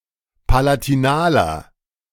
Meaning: inflection of palatinal: 1. strong/mixed nominative masculine singular 2. strong genitive/dative feminine singular 3. strong genitive plural
- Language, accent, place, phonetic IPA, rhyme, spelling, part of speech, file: German, Germany, Berlin, [palatiˈnaːlɐ], -aːlɐ, palatinaler, adjective, De-palatinaler.ogg